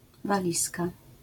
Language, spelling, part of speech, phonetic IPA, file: Polish, walizka, noun, [vaˈlʲiska], LL-Q809 (pol)-walizka.wav